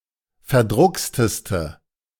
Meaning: inflection of verdruckst: 1. strong/mixed nominative/accusative feminine singular superlative degree 2. strong nominative/accusative plural superlative degree
- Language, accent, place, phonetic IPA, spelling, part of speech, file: German, Germany, Berlin, [fɛɐ̯ˈdʁʊkstəstə], verdrucksteste, adjective, De-verdrucksteste.ogg